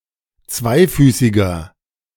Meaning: inflection of zweifüßig: 1. strong/mixed nominative masculine singular 2. strong genitive/dative feminine singular 3. strong genitive plural
- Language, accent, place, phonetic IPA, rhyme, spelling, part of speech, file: German, Germany, Berlin, [ˈt͡svaɪ̯ˌfyːsɪɡɐ], -aɪ̯fyːsɪɡɐ, zweifüßiger, adjective, De-zweifüßiger.ogg